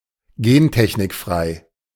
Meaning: GM-free
- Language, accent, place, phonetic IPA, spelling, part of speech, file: German, Germany, Berlin, [ˈɡeːntɛçnɪkˌfʁaɪ̯], gentechnikfrei, adjective, De-gentechnikfrei.ogg